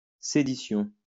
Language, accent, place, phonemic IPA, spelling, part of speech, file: French, France, Lyon, /se.di.sjɔ̃/, sédition, noun, LL-Q150 (fra)-sédition.wav
- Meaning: sedition (insurrection or rebellion)